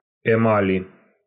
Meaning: inflection of эма́ль (emálʹ): 1. genitive/dative/prepositional singular 2. nominative/accusative plural
- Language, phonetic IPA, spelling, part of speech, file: Russian, [ɪˈmalʲɪ], эмали, noun, Ru-эмали.ogg